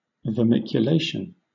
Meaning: 1. The process of being turned into a worm 2. The state of being infested or consumed by worms
- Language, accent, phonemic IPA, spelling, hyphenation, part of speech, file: English, Southern England, /vəmɪkjʊˈleɪʃ(ə)n/, vermiculation, ver‧mi‧cu‧lat‧ion, noun, LL-Q1860 (eng)-vermiculation.wav